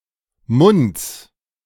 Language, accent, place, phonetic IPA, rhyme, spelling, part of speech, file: German, Germany, Berlin, [mʊnt͡s], -ʊnt͡s, Munds, noun, De-Munds.ogg
- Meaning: genitive singular of Mund